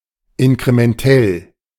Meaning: incremental
- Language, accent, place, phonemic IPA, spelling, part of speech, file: German, Germany, Berlin, /ɪnkʁemɛnˈtɛl/, inkrementell, adjective, De-inkrementell.ogg